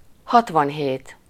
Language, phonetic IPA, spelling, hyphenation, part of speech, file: Hungarian, [ˈhɒtvɒnɦeːt], hatvanhét, hat‧van‧hét, numeral, Hu-hatvanhét.ogg
- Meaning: sixty-seven